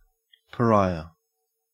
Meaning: Synonym of outcast: A person despised and excluded by their family, community, or society, especially a member of the untouchable castes in Indian society
- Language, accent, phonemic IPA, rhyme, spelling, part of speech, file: English, Australia, /pəˈɹaɪə/, -aɪə, pariah, noun, En-au-pariah.ogg